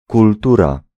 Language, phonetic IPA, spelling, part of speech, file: Polish, [kulˈtura], kultura, noun, Pl-kultura.ogg